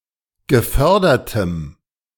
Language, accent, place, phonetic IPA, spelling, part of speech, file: German, Germany, Berlin, [ɡəˈfœʁdɐtəm], gefördertem, adjective, De-gefördertem.ogg
- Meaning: strong dative masculine/neuter singular of gefördert